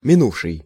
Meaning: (verb) past active perfective participle of мину́ть (minútʹ); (adjective) past, last
- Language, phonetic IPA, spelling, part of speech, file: Russian, [mʲɪˈnufʂɨj], минувший, verb / adjective, Ru-минувший.ogg